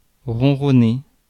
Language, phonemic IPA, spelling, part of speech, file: French, /ʁɔ̃.ʁɔ.ne/, ronronner, verb, Fr-ronronner.ogg
- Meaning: to purr (to make a vibrating sound in its throat when contented or in certain other conditions)